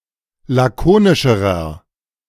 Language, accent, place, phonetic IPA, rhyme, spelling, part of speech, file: German, Germany, Berlin, [ˌlaˈkoːnɪʃəʁɐ], -oːnɪʃəʁɐ, lakonischerer, adjective, De-lakonischerer.ogg
- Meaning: inflection of lakonisch: 1. strong/mixed nominative masculine singular comparative degree 2. strong genitive/dative feminine singular comparative degree 3. strong genitive plural comparative degree